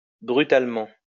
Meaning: brutally
- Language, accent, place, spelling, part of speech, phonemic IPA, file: French, France, Lyon, brutalement, adverb, /bʁy.tal.mɑ̃/, LL-Q150 (fra)-brutalement.wav